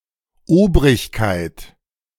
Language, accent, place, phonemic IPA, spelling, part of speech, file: German, Germany, Berlin, /ˈoːbʁɪçkaɪ̯t/, Obrigkeit, noun, De-Obrigkeit.ogg
- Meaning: authorities